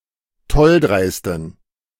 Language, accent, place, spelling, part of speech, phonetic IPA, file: German, Germany, Berlin, tolldreisten, adjective, [ˈtɔlˌdʁaɪ̯stn̩], De-tolldreisten.ogg
- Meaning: inflection of tolldreist: 1. strong genitive masculine/neuter singular 2. weak/mixed genitive/dative all-gender singular 3. strong/weak/mixed accusative masculine singular 4. strong dative plural